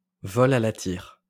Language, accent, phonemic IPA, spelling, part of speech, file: French, France, /vɔl a la tiʁ/, vol à la tire, noun, LL-Q150 (fra)-vol à la tire.wav
- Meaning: pickpocketing